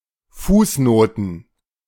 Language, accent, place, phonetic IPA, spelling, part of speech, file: German, Germany, Berlin, [ˈfuːsˌnoːtn̩], Fußnoten, noun, De-Fußnoten.ogg
- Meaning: plural of Fußnote